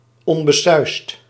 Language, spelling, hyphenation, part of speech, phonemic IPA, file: Dutch, onbesuisd, on‧be‧suisd, adjective, /ˌɔn.bəˈsœy̯st/, Nl-onbesuisd.ogg
- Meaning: rash, reckless